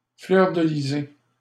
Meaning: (noun) flag of Québec; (verb) past participle of fleurdeliser
- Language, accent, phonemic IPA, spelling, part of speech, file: French, Canada, /flœʁ.də.li.ze/, fleurdelisé, noun / verb, LL-Q150 (fra)-fleurdelisé.wav